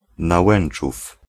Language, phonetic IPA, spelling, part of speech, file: Polish, [naˈwɛ̃n͇t͡ʃuf], Nałęczów, proper noun, Pl-Nałęczów.ogg